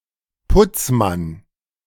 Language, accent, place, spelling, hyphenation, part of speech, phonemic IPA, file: German, Germany, Berlin, Putzmann, Putz‧mann, noun, /ˈpʊt͡sˌman/, De-Putzmann.ogg
- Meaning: male cleaner